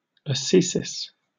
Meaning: self-discipline, particularly as a religious observance; asceticism
- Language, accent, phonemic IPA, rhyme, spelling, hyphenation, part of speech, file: English, Received Pronunciation, /əˈsiːsɪs/, -iːsɪs, ascesis, asce‧sis, noun, En-uk-ascesis.oga